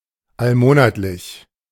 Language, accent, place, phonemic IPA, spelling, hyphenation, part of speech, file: German, Germany, Berlin, /alˈmoːnatlɪç/, allmonatlich, all‧mo‧nat‧lich, adjective, De-allmonatlich.ogg
- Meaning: monthly